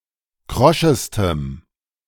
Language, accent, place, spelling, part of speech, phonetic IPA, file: German, Germany, Berlin, kroschestem, adjective, [ˈkʁɔʃəstəm], De-kroschestem.ogg
- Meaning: strong dative masculine/neuter singular superlative degree of krosch